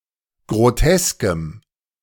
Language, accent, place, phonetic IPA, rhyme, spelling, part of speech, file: German, Germany, Berlin, [ɡʁoˈtɛskəm], -ɛskəm, groteskem, adjective, De-groteskem.ogg
- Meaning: strong dative masculine/neuter singular of grotesk